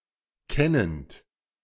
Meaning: present participle of kennen
- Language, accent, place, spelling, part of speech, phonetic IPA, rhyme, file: German, Germany, Berlin, kennend, verb, [ˈkɛnənt], -ɛnənt, De-kennend.ogg